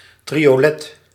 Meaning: triolet
- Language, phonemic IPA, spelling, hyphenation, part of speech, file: Dutch, /ˌtri.(j)oːˈlɛt/, triolet, tri‧o‧let, noun, Nl-triolet.ogg